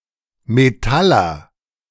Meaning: 1. metalworker 2. metaller, metalhead
- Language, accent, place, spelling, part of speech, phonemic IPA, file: German, Germany, Berlin, Metaller, noun, /meˈtalɐ/, De-Metaller.ogg